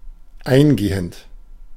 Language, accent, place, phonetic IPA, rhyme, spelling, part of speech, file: German, Germany, Berlin, [ˈaɪ̯nˌɡeːənt], -aɪ̯nɡeːənt, eingehend, adjective / verb, De-eingehend.ogg
- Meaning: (verb) present participle of eingehen; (adjective) 1. extensive, detailed, thorough, exhaustive 2. incoming; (adverb) in detail, thoroughly